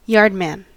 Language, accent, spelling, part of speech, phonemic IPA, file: English, US, yardman, noun, /ˈjɑɹdmən/, En-us-yardman.ogg
- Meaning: A worker in any of several types of yard, as: A worker in a railyard